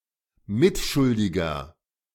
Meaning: inflection of mitschuldig: 1. strong/mixed nominative masculine singular 2. strong genitive/dative feminine singular 3. strong genitive plural
- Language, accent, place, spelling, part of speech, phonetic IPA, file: German, Germany, Berlin, mitschuldiger, adjective, [ˈmɪtˌʃʊldɪɡɐ], De-mitschuldiger.ogg